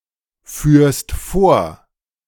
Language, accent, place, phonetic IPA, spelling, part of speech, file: German, Germany, Berlin, [ˌfyːɐ̯st ˈfoːɐ̯], führst vor, verb, De-führst vor.ogg
- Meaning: second-person singular present of vorführen